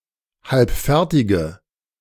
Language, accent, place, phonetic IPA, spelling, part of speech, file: German, Germany, Berlin, [ˈhalpˌfɛʁtɪɡə], halbfertige, adjective, De-halbfertige.ogg
- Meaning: inflection of halbfertig: 1. strong/mixed nominative/accusative feminine singular 2. strong nominative/accusative plural 3. weak nominative all-gender singular